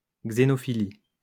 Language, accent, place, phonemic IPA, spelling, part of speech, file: French, France, Lyon, /ɡze.nɔ.fi.li/, xénophilie, noun, LL-Q150 (fra)-xénophilie.wav
- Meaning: xenophilia